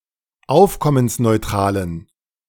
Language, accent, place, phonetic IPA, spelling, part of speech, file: German, Germany, Berlin, [ˈaʊ̯fkɔmənsnɔɪ̯ˌtʁaːlən], aufkommensneutralen, adjective, De-aufkommensneutralen.ogg
- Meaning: inflection of aufkommensneutral: 1. strong genitive masculine/neuter singular 2. weak/mixed genitive/dative all-gender singular 3. strong/weak/mixed accusative masculine singular